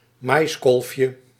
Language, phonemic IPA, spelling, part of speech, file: Dutch, /ˈmɑjskɔlfjə/, maiskolfje, noun, Nl-maiskolfje.ogg
- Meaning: diminutive of maiskolf